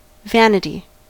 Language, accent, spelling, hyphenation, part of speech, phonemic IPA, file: English, General American, vanity, van‧i‧ty, noun, /ˈvænəti/, En-us-vanity.ogg
- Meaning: 1. That which is vain, futile, or worthless; that which is of no value, use or profit 2. Excessive pride in or admiration of one's own abilities, appearance, achievements, or possessions